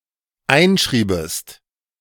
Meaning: second-person singular dependent subjunctive II of einschreiben
- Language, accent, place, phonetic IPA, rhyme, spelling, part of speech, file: German, Germany, Berlin, [ˈaɪ̯nˌʃʁiːbəst], -aɪ̯nʃʁiːbəst, einschriebest, verb, De-einschriebest.ogg